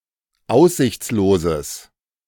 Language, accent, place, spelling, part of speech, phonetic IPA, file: German, Germany, Berlin, aussichtsloses, adjective, [ˈaʊ̯szɪçt͡sloːzəs], De-aussichtsloses.ogg
- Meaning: strong/mixed nominative/accusative neuter singular of aussichtslos